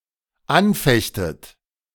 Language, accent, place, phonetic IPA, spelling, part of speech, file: German, Germany, Berlin, [ˈanˌfɛçtət], anfechtet, verb, De-anfechtet.ogg
- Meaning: inflection of anfechten: 1. second-person plural dependent present 2. second-person plural dependent subjunctive I